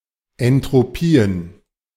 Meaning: plural of Entropie
- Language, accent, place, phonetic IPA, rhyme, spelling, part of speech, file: German, Germany, Berlin, [ɛntʁoˈpiːən], -iːən, Entropien, noun, De-Entropien.ogg